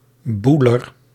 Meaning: male homosexual
- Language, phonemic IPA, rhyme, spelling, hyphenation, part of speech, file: Dutch, /ˈbu.lər/, -ulər, boeler, boe‧ler, noun, Nl-boeler.ogg